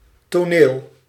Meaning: 1. stage, scene, place for a performance in front of an assembled audience 2. scene, depiction on stage (often in the diminutive) or part of a performance 3. theatre, the dramatical arts
- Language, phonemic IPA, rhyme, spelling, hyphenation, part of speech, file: Dutch, /toːˈneːl/, -eːl, toneel, to‧neel, noun, Nl-toneel.ogg